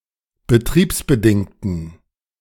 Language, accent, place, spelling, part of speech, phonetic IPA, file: German, Germany, Berlin, betriebsbedingten, adjective, [bəˈtʁiːpsbəˌdɪŋtn̩], De-betriebsbedingten.ogg
- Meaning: inflection of betriebsbedingt: 1. strong genitive masculine/neuter singular 2. weak/mixed genitive/dative all-gender singular 3. strong/weak/mixed accusative masculine singular 4. strong dative plural